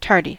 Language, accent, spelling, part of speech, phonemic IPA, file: English, US, tardy, adjective / noun / verb, /ˈtɑɹdi/, En-us-tardy.ogg
- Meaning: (adjective) 1. Late; overdue or delayed 2. Moving with a slow pace or motion; not swift 3. Ineffectual; slow-witted, slow to act, or dull